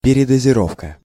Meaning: overdose
- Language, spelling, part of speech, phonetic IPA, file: Russian, передозировка, noun, [pʲɪrʲɪdəzʲɪˈrofkə], Ru-передозировка.ogg